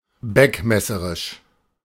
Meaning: 1. carping 2. pedantic
- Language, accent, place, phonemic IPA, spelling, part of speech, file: German, Germany, Berlin, /ˈbɛkmɛsəʁɪʃ/, beckmesserisch, adjective, De-beckmesserisch.ogg